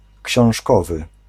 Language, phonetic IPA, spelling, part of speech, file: Polish, [cɕɔ̃w̃ʃˈkɔvɨ], książkowy, adjective, Pl-książkowy.ogg